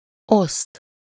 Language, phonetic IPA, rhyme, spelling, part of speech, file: Hungarian, [ˈost], -ost, oszt, verb / conjunction, Hu-oszt.ogg
- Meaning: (verb) 1. to divide (to separate to parts) 2. to distribute, to dispense, to allocate 3. to divide (to perform the operation of division) 4. to divide (to be a divisor of another number) 5. to deal